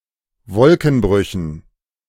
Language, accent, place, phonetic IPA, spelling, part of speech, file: German, Germany, Berlin, [ˈvɔlkn̩ˌbʁʏçn̩], Wolkenbrüchen, noun, De-Wolkenbrüchen.ogg
- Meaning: dative plural of Wolkenbruch